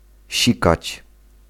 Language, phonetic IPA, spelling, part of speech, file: Polish, [ˈɕikat͡ɕ], sikać, verb, Pl-sikać.ogg